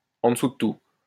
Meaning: lousy, shit, shitty, crappy (completely worthless)
- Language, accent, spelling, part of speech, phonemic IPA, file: French, France, en dessous de tout, adjective, /ɑ̃ də.su də tu/, LL-Q150 (fra)-en dessous de tout.wav